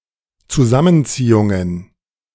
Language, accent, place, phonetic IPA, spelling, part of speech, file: German, Germany, Berlin, [t͡suˈzamənˌt͡siːʊŋən], Zusammenziehungen, noun, De-Zusammenziehungen.ogg
- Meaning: plural of Zusammenziehung